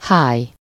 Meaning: fat, flab (the soft, loose flesh around a person's belly)
- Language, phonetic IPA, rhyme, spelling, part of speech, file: Hungarian, [ˈhaːj], -aːj, háj, noun, Hu-háj.ogg